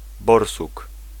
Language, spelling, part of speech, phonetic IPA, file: Polish, borsuk, noun, [ˈbɔrsuk], Pl-borsuk.ogg